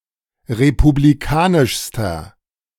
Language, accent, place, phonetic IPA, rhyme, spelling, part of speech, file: German, Germany, Berlin, [ʁepubliˈkaːnɪʃstɐ], -aːnɪʃstɐ, republikanischster, adjective, De-republikanischster.ogg
- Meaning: inflection of republikanisch: 1. strong/mixed nominative masculine singular superlative degree 2. strong genitive/dative feminine singular superlative degree